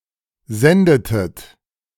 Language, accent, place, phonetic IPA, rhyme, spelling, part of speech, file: German, Germany, Berlin, [ˈzɛndətət], -ɛndətət, sendetet, verb, De-sendetet.ogg
- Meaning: inflection of senden: 1. second-person plural preterite 2. second-person plural subjunctive II